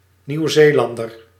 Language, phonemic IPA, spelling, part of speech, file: Dutch, /ˌniu̯ ˈzeːlɑndər/, Nieuw-Zeelander, noun, Nl-Nieuw-Zeelander.ogg
- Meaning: New Zealander